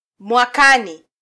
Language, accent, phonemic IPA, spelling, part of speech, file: Swahili, Kenya, /mʷɑˈkɑ.ni/, mwakani, adverb, Sw-ke-mwakani.flac
- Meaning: 1. next year 2. within a year